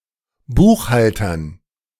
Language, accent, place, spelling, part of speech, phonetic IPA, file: German, Germany, Berlin, Buchhaltern, noun, [ˈbuːxˌhaltɐn], De-Buchhaltern.ogg
- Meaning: dative plural of Buchhalter